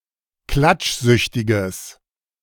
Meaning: strong/mixed nominative/accusative neuter singular of klatschsüchtig
- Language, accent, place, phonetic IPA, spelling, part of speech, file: German, Germany, Berlin, [ˈklat͡ʃˌzʏçtɪɡəs], klatschsüchtiges, adjective, De-klatschsüchtiges.ogg